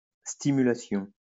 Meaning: stimulation
- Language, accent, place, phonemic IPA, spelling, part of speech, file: French, France, Lyon, /sti.my.la.sjɔ̃/, stimulation, noun, LL-Q150 (fra)-stimulation.wav